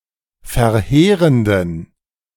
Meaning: inflection of verheerend: 1. strong genitive masculine/neuter singular 2. weak/mixed genitive/dative all-gender singular 3. strong/weak/mixed accusative masculine singular 4. strong dative plural
- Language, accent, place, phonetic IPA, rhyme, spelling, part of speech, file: German, Germany, Berlin, [fɛɐ̯ˈheːʁəndn̩], -eːʁəndn̩, verheerenden, adjective, De-verheerenden.ogg